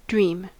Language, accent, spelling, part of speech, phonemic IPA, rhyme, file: English, General American, dream, noun / verb / adjective, /ˈdɹim/, -iːm, En-us-dream.ogg
- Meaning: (noun) 1. Imaginary events seen in the mind while sleeping 2. A hope or wish 3. A visionary scheme; a wild conceit; an idle fancy; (verb) To see imaginary events in one's mind while sleeping